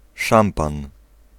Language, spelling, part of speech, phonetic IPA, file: Polish, szampan, noun, [ˈʃãmpãn], Pl-szampan.ogg